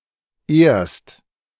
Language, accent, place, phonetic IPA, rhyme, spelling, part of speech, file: German, Germany, Berlin, [eːɐ̯st], -eːɐ̯st, ehrst, verb, De-ehrst.ogg
- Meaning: second-person singular present of ehren